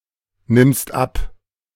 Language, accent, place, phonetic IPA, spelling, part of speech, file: German, Germany, Berlin, [ˌnɪmst ˈap], nimmst ab, verb, De-nimmst ab.ogg
- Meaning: second-person singular present of abnehmen